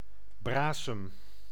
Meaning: bream (Abramis brama)
- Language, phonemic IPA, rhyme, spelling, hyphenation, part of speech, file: Dutch, /ˈbraː.səm/, -aːsəm, brasem, bra‧sem, noun, Nl-brasem.ogg